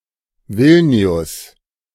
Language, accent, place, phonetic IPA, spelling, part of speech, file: German, Germany, Berlin, [ˈvɪlnɪ̯ʊs], Vilnius, proper noun, De-Vilnius.ogg
- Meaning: Vilnius (the capital city of Lithuania)